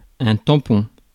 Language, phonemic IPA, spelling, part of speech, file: French, /tɑ̃.pɔ̃/, tampon, noun, Fr-tampon.ogg
- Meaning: 1. plug, stopper 2. plug, stopper: pad (for a flute, saxophone) 3. plug, stopper: (for closing a leak) 4. swab 5. tampon (menstrual product) 6. sponge, pad (piece of porous material): used for washing